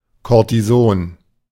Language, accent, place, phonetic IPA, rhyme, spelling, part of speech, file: German, Germany, Berlin, [ˌkoʁtiˈzoːn], -oːn, Kortison, noun, De-Kortison.ogg
- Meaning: cortisone